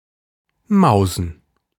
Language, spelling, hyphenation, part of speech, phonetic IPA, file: German, mausen, mau‧sen, verb / adjective, [ˈmaʊ̯zn̩], De-mausen.ogg
- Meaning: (verb) 1. to steal things (typically things of little value) 2. to catch mice 3. to have sexual intercourse; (adjective) inflection of mause: strong genitive masculine/neuter singular